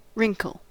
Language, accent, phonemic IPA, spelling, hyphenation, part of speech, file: English, US, /ˈɹɪŋkl̩/, wrinkle, wrink‧le, noun / verb, En-us-wrinkle.ogg
- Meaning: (noun) 1. A small furrow, ridge or crease in an otherwise smooth surface 2. A line or crease in the skin, especially when caused by age or fatigue